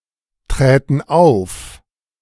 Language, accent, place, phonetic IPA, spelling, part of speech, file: German, Germany, Berlin, [ˌtʁɛːtn̩ ˈaʊ̯f], träten auf, verb, De-träten auf.ogg
- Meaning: first-person plural subjunctive II of auftreten